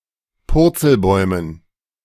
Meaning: dative plural of Purzelbaum
- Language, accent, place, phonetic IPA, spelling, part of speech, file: German, Germany, Berlin, [ˈpʊʁt͡sl̩ˌbɔɪ̯mən], Purzelbäumen, noun, De-Purzelbäumen.ogg